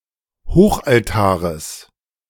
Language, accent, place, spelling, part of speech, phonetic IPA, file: German, Germany, Berlin, Hochaltares, noun, [ˈhoːxʔalˌtaːʁəs], De-Hochaltares.ogg
- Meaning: genitive singular of Hochaltar